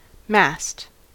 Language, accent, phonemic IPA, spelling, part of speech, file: English, US, /mæst/, mast, noun / verb, En-us-mast.ogg